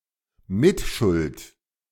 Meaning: complicit
- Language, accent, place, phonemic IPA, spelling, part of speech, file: German, Germany, Berlin, /ˈmɪtʃʊlt/, mitschuld, adjective, De-mitschuld.ogg